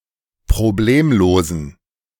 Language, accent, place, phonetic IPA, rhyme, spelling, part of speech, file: German, Germany, Berlin, [pʁoˈbleːmloːzn̩], -eːmloːzn̩, problemlosen, adjective, De-problemlosen.ogg
- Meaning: inflection of problemlos: 1. strong genitive masculine/neuter singular 2. weak/mixed genitive/dative all-gender singular 3. strong/weak/mixed accusative masculine singular 4. strong dative plural